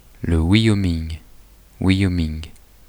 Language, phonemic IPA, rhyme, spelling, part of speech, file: French, /wa.jo.miŋ/, -iŋ, Wyoming, proper noun, Fr-Wyoming.oga
- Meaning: Wyoming (a state of the United States, formerly a territory)